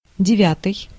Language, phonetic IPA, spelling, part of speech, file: Russian, [dʲɪˈvʲatɨj], девятый, adjective, Ru-девятый.ogg
- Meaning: ninth